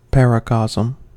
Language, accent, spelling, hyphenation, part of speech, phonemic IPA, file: English, General American, paracosm, para‧cosm, noun, /ˈpæɹəˌkɑz(ə)m/, En-us-paracosm.ogg
- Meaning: A detailed imaginary world, especially one created by a child